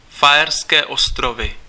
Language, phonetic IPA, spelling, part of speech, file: Czech, [faɛrskɛː ostrovɪ], Faerské ostrovy, proper noun, Cs-Faerské ostrovy.ogg
- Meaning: Faroe Islands (an archipelago and self-governing autonomous territory of Denmark, in the North Atlantic Ocean between Scotland and Iceland)